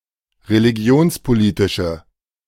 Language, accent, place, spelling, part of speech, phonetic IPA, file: German, Germany, Berlin, religionspolitische, adjective, [ʁeliˈɡi̯oːnspoˌliːtɪʃə], De-religionspolitische.ogg
- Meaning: inflection of religionspolitisch: 1. strong/mixed nominative/accusative feminine singular 2. strong nominative/accusative plural 3. weak nominative all-gender singular